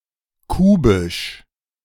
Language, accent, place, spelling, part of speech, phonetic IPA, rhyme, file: German, Germany, Berlin, kubisch, adjective, [ˈkuːbɪʃ], -uːbɪʃ, De-kubisch.ogg
- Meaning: cubic